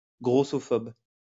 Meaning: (adjective) fatphobic; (noun) fatphobe
- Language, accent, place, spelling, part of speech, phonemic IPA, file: French, France, Lyon, grossophobe, adjective / noun, /ɡʁo.sɔ.fɔb/, LL-Q150 (fra)-grossophobe.wav